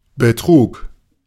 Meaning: first/third-person singular preterite of betragen
- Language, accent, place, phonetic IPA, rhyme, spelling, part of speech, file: German, Germany, Berlin, [bəˈtʁuːk], -uːk, betrug, verb, De-betrug.ogg